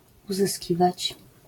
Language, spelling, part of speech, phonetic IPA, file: Polish, uzyskiwać, verb, [ˌuzɨˈsʲcivat͡ɕ], LL-Q809 (pol)-uzyskiwać.wav